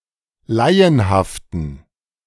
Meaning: inflection of laienhaft: 1. strong genitive masculine/neuter singular 2. weak/mixed genitive/dative all-gender singular 3. strong/weak/mixed accusative masculine singular 4. strong dative plural
- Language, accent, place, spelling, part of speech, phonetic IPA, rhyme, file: German, Germany, Berlin, laienhaften, adjective, [ˈlaɪ̯ənhaftn̩], -aɪ̯ənhaftn̩, De-laienhaften.ogg